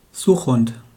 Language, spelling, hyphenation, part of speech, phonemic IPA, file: German, Suchhund, Such‧hund, noun, /ˈzuːxˌhʊnt/, De-Suchhund.wav
- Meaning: search dog, tracker dog